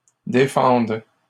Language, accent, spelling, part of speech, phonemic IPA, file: French, Canada, défendent, verb, /de.fɑ̃d/, LL-Q150 (fra)-défendent.wav
- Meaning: third-person plural present indicative/subjunctive of défendre